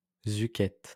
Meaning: alternative spelling of zuchette
- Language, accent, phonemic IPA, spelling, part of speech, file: French, France, /zu.kɛt/, zucchette, noun, LL-Q150 (fra)-zucchette.wav